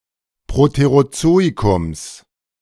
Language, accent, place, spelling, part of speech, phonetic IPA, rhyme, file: German, Germany, Berlin, Proterozoikums, noun, [pʁoteʁoˈt͡soːikʊms], -oːikʊms, De-Proterozoikums.ogg
- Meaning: genitive singular of Proterozoikum